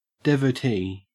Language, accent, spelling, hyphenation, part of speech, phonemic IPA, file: English, Australia, devotee, de‧vo‧tee, noun, /ˌdɛv.əˈtiː/, En-au-devotee.ogg
- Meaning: 1. An ardent enthusiast or admirer 2. A believer in a particular religion or god